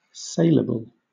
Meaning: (adjective) Suitable for sale; marketable; worth enough to try to sell; that can be sold (i.e., for which it is possible to find a willing and able buyer); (noun) Something that can be sold
- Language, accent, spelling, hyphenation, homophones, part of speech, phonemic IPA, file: English, Southern England, saleable, sale‧a‧ble, sailable, adjective / noun, /ˈseɪləbl̩/, LL-Q1860 (eng)-saleable.wav